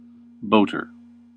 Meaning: 1. Someone who travels by boat 2. Synonym of boatman, particularly its captain 3. A straw hat, very stiff, with a flat brim and crown
- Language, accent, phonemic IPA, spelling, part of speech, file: English, US, /ˈboʊ.tɚ/, boater, noun, En-us-boater.ogg